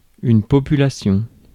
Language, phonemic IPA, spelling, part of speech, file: French, /pɔ.py.la.sjɔ̃/, population, noun, Fr-population.ogg
- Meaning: 1. population 2. the public